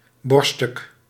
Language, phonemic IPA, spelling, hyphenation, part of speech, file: Dutch, /ˈbɔrstʏk/, borststuk, borst‧stuk, noun, Nl-borststuk.ogg
- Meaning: 1. breastplate (piece of armour protecting the chest) 2. breast (piece of meat from the chest)